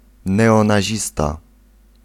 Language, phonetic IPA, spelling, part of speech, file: Polish, [ˌnɛɔ̃naˈʑista], neonazista, noun, Pl-neonazista.ogg